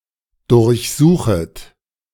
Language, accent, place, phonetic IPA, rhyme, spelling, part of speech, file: German, Germany, Berlin, [dʊʁçˈzuːxət], -uːxət, durchsuchet, verb, De-durchsuchet.ogg
- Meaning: second-person plural subjunctive I of durchsuchen